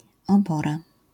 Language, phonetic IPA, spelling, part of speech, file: Polish, [ɔˈbɔra], obora, noun, LL-Q809 (pol)-obora.wav